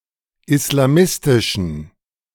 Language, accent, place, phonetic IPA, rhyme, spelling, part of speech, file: German, Germany, Berlin, [ɪslaˈmɪstɪʃn̩], -ɪstɪʃn̩, islamistischen, adjective, De-islamistischen.ogg
- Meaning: inflection of islamistisch: 1. strong genitive masculine/neuter singular 2. weak/mixed genitive/dative all-gender singular 3. strong/weak/mixed accusative masculine singular 4. strong dative plural